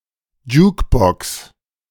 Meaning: jukebox
- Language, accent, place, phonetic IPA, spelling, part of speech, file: German, Germany, Berlin, [ˈd͡ʒuːkˌbɔks], Jukebox, noun, De-Jukebox.ogg